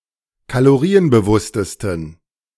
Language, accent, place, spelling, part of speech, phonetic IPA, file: German, Germany, Berlin, kalorienbewusstesten, adjective, [kaloˈʁiːənbəˌvʊstəstn̩], De-kalorienbewusstesten.ogg
- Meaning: 1. superlative degree of kalorienbewusst 2. inflection of kalorienbewusst: strong genitive masculine/neuter singular superlative degree